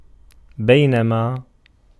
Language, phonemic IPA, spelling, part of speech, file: Arabic, /baj.na.maː/, بينما, conjunction, Ar-بينما.ogg
- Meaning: 1. while 2. whereas